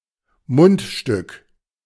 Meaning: 1. mouthpiece (part of a wind instrument) 2. bit (piece of metal placed in a horse's mouth)
- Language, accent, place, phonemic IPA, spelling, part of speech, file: German, Germany, Berlin, /ˈmʊntˌʃtʏk/, Mundstück, noun, De-Mundstück.ogg